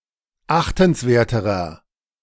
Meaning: inflection of achtenswert: 1. strong/mixed nominative masculine singular comparative degree 2. strong genitive/dative feminine singular comparative degree 3. strong genitive plural comparative degree
- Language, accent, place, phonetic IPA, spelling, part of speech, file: German, Germany, Berlin, [ˈaxtn̩sˌveːɐ̯təʁɐ], achtenswerterer, adjective, De-achtenswerterer.ogg